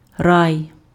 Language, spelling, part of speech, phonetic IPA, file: Ukrainian, рай, noun, [rai̯], Uk-рай.ogg
- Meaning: paradise, heaven